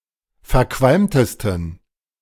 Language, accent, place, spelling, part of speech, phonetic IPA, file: German, Germany, Berlin, verqualmtesten, adjective, [fɛɐ̯ˈkvalmtəstn̩], De-verqualmtesten.ogg
- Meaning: 1. superlative degree of verqualmt 2. inflection of verqualmt: strong genitive masculine/neuter singular superlative degree